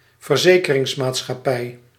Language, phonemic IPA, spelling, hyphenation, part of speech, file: Dutch, /vərˈzeː.kə.rɪŋs.maːt.sxɑˌpɛi̯/, verzekeringsmaatschappij, ver‧ze‧ke‧rings‧maat‧schap‧pij, noun, Nl-verzekeringsmaatschappij.ogg
- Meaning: an insurance company